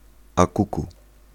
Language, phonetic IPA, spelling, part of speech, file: Polish, [a‿ˈkuku], a kuku, interjection, Pl-a kuku.ogg